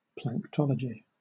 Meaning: The study of plankton
- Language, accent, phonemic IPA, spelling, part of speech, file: English, Southern England, /plæŋkˈtɒləd͡ʒi/, planktology, noun, LL-Q1860 (eng)-planktology.wav